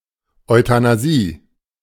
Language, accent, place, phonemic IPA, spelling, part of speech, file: German, Germany, Berlin, /ɔɪ̯tanaˈziː/, Euthanasie, noun, De-Euthanasie.ogg
- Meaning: euthanasia (the practice of intentionally and painlessly killing a human being or animal for humane reasons, especially in order to end great suffering or poor quality of life)